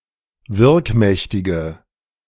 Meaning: inflection of wirkmächtig: 1. strong/mixed nominative/accusative feminine singular 2. strong nominative/accusative plural 3. weak nominative all-gender singular
- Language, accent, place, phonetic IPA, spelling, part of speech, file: German, Germany, Berlin, [ˈvɪʁkˌmɛçtɪɡə], wirkmächtige, adjective, De-wirkmächtige.ogg